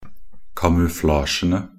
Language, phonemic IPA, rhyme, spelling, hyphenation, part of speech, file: Norwegian Bokmål, /kamʉˈflɑːʃənə/, -ənə, kamuflasjene, ka‧mu‧fla‧sje‧ne, noun, Nb-kamuflasjene.ogg
- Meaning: definite plural of kamuflasje